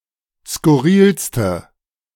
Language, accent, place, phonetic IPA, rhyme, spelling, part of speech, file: German, Germany, Berlin, [skʊˈʁiːlstə], -iːlstə, skurrilste, adjective, De-skurrilste.ogg
- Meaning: inflection of skurril: 1. strong/mixed nominative/accusative feminine singular superlative degree 2. strong nominative/accusative plural superlative degree